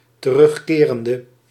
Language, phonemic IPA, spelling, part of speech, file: Dutch, /t(ə)ˈrʏxkerəndə/, terugkerende, adjective / verb, Nl-terugkerende.ogg
- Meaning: inflection of terugkerend: 1. masculine/feminine singular attributive 2. definite neuter singular attributive 3. plural attributive